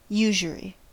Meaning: 1. An exorbitant rate of interest, in excess of any legal rates or at least immorally 2. The practice of lending money at such rates 3. The practice of lending money at interest 4. Profit
- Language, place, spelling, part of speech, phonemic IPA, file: English, California, usury, noun, /ˈjuʒəɹi/, En-us-usury.ogg